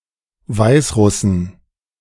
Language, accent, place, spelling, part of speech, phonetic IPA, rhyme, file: German, Germany, Berlin, Weißrussen, noun, [ˈvaɪ̯sˌʁʊsn̩], -aɪ̯sʁʊsn̩, De-Weißrussen.ogg
- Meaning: 1. genitive singular of Weißrusse 2. plural of Weißrusse